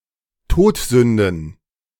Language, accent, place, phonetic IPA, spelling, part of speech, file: German, Germany, Berlin, [ˈtoːtˌzʏndn̩], Todsünden, noun, De-Todsünden.ogg
- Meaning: plural of Todsünde